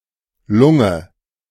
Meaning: lung, lungs
- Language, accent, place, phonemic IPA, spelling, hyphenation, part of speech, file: German, Germany, Berlin, /ˈlʊŋə/, Lunge, Lun‧ge, noun, De-Lunge.ogg